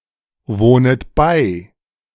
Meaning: second-person plural subjunctive I of beiwohnen
- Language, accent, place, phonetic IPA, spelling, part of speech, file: German, Germany, Berlin, [ˌvoːnət ˈbaɪ̯], wohnet bei, verb, De-wohnet bei.ogg